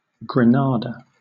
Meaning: 1. A city, the provincial capital of Granada province, Andalusia, Spain 2. A province of Andalusia, Spain 3. A city in Nicaragua 4. A department of Nicaragua
- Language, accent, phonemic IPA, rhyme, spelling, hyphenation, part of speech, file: English, Southern England, /ɡɹəˈnɑː.də/, -ɑːdə, Granada, Gra‧na‧da, proper noun, LL-Q1860 (eng)-Granada.wav